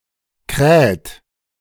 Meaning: inflection of krähen: 1. third-person singular present 2. second-person plural present 3. plural imperative
- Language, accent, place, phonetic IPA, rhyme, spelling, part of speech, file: German, Germany, Berlin, [kʁɛːt], -ɛːt, kräht, verb, De-kräht.ogg